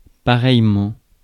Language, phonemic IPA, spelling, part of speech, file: French, /pa.ʁɛj.mɑ̃/, pareillement, adverb, Fr-pareillement.ogg
- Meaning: 1. likewise; in the same way; equally 2. too; also